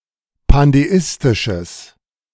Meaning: strong/mixed nominative/accusative neuter singular of pandeistisch
- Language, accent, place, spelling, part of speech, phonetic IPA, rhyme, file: German, Germany, Berlin, pandeistisches, adjective, [pandeˈɪstɪʃəs], -ɪstɪʃəs, De-pandeistisches.ogg